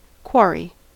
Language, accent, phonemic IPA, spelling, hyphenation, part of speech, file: English, General American, /ˈk(w)ɔɹ.i/, quarry, quar‧ry, noun / verb, En-us-quarry.ogg
- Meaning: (noun) A site for mining stone, such as limestone, or slate; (verb) 1. To obtain (or mine) stone by extraction from a quarry 2. To extract or slowly obtain by long, tedious searching